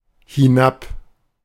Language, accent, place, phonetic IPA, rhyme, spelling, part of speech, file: German, Germany, Berlin, [hɪˈnap], -ap, hinab, adverb, De-hinab.ogg
- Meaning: down, downwards (from the own location downwards)